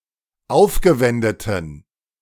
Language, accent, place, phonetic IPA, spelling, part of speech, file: German, Germany, Berlin, [ˈaʊ̯fɡəˌvɛndətn̩], aufgewendeten, adjective, De-aufgewendeten.ogg
- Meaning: inflection of aufgewendet: 1. strong genitive masculine/neuter singular 2. weak/mixed genitive/dative all-gender singular 3. strong/weak/mixed accusative masculine singular 4. strong dative plural